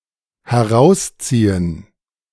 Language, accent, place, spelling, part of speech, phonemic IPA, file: German, Germany, Berlin, herausziehen, verb, /hɛˈʁaust͡siːən/, De-herausziehen.ogg
- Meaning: to pull (out)